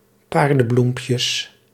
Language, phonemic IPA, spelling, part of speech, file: Dutch, /ˈpardə(n)ˌblumpjəs/, paardenbloempjes, noun, Nl-paardenbloempjes.ogg
- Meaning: plural of paardenbloempje